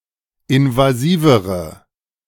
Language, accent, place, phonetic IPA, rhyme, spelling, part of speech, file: German, Germany, Berlin, [ɪnvaˈziːvəʁə], -iːvəʁə, invasivere, adjective, De-invasivere.ogg
- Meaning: inflection of invasiv: 1. strong/mixed nominative/accusative feminine singular comparative degree 2. strong nominative/accusative plural comparative degree